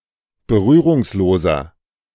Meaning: inflection of berührungslos: 1. strong/mixed nominative masculine singular 2. strong genitive/dative feminine singular 3. strong genitive plural
- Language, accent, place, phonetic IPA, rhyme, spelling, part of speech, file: German, Germany, Berlin, [bəˈʁyːʁʊŋsˌloːzɐ], -yːʁʊŋsloːzɐ, berührungsloser, adjective, De-berührungsloser.ogg